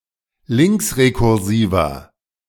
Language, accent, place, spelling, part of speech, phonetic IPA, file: German, Germany, Berlin, linksrekursiver, adjective, [ˈlɪŋksʁekʊʁˌziːvɐ], De-linksrekursiver.ogg
- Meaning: inflection of linksrekursiv: 1. strong/mixed nominative masculine singular 2. strong genitive/dative feminine singular 3. strong genitive plural